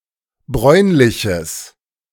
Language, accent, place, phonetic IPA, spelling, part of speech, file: German, Germany, Berlin, [ˈbʁɔɪ̯nlɪçəs], bräunliches, adjective, De-bräunliches.ogg
- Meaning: strong/mixed nominative/accusative neuter singular of bräunlich